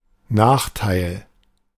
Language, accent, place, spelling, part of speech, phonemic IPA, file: German, Germany, Berlin, Nachteil, noun, /ˈnaːxtai̯l/, De-Nachteil.ogg
- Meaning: 1. disadvantage, demerit 2. drawback